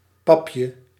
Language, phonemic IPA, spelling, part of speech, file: Dutch, /ˈpɑpjə/, papje, noun, Nl-papje.ogg
- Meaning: diminutive of pap